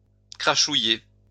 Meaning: to sputter
- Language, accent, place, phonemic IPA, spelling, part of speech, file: French, France, Lyon, /kʁa.ʃu.je/, crachouiller, verb, LL-Q150 (fra)-crachouiller.wav